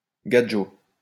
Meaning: gadje (non-Romani person)
- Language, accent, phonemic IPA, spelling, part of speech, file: French, France, /ɡa.dʒo/, gadjo, noun, LL-Q150 (fra)-gadjo.wav